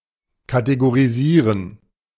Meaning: to categorize
- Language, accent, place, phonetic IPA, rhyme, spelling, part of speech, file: German, Germany, Berlin, [kateɡoʁiˈziːʁən], -iːʁən, kategorisieren, verb, De-kategorisieren.ogg